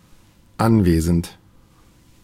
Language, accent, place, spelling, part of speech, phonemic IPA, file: German, Germany, Berlin, anwesend, adjective, /ˈanˌveːzn̩t/, De-anwesend.ogg
- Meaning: present (in the immediate vicinity)